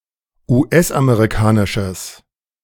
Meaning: strong/mixed nominative/accusative neuter singular of US-amerikanisch
- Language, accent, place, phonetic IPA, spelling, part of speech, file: German, Germany, Berlin, [uːˈʔɛsʔameʁiˌkaːnɪʃəs], US-amerikanisches, adjective, De-US-amerikanisches.ogg